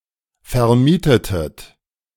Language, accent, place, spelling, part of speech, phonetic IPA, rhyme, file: German, Germany, Berlin, vermietetet, verb, [fɛɐ̯ˈmiːtətət], -iːtətət, De-vermietetet.ogg
- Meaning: inflection of vermieten: 1. second-person plural preterite 2. second-person plural subjunctive II